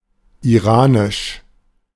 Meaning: Iranian, Iranic
- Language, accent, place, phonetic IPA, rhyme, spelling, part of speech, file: German, Germany, Berlin, [iˈʁaːnɪʃ], -aːnɪʃ, iranisch, adjective, De-iranisch.ogg